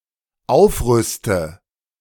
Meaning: inflection of aufrüsten: 1. first-person singular dependent present 2. first/third-person singular dependent subjunctive I
- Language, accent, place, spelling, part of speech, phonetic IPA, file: German, Germany, Berlin, aufrüste, verb, [ˈaʊ̯fˌʁʏstə], De-aufrüste.ogg